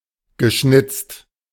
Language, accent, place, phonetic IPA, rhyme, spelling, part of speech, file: German, Germany, Berlin, [ɡəˈʃnɪt͡st], -ɪt͡st, geschnitzt, verb, De-geschnitzt.ogg
- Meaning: past participle of schnitzen